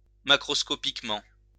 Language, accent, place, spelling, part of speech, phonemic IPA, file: French, France, Lyon, macroscopiquement, adverb, /ma.kʁɔs.kɔ.pik.mɑ̃/, LL-Q150 (fra)-macroscopiquement.wav
- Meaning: macroscopically